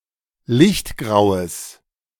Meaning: strong/mixed nominative/accusative neuter singular of lichtgrau
- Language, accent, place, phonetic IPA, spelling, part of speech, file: German, Germany, Berlin, [ˈlɪçtˌɡʁaʊ̯əs], lichtgraues, adjective, De-lichtgraues.ogg